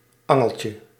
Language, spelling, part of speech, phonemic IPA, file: Dutch, angeltje, noun, /ˈɑŋəlcə/, Nl-angeltje.ogg
- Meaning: diminutive of angel